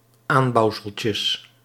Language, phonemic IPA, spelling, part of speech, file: Dutch, /ˈambɑuwsəlcəs/, aanbouwseltjes, noun, Nl-aanbouwseltjes.ogg
- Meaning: plural of aanbouwseltje